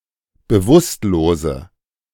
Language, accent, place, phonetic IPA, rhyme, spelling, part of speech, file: German, Germany, Berlin, [bəˈvʊstloːzə], -ʊstloːzə, bewusstlose, adjective, De-bewusstlose.ogg
- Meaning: inflection of bewusstlos: 1. strong/mixed nominative/accusative feminine singular 2. strong nominative/accusative plural 3. weak nominative all-gender singular